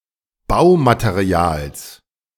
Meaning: genitive singular of Baumaterial
- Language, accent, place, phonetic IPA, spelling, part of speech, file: German, Germany, Berlin, [ˈbaʊ̯mateˌʁi̯aːls], Baumaterials, noun, De-Baumaterials.ogg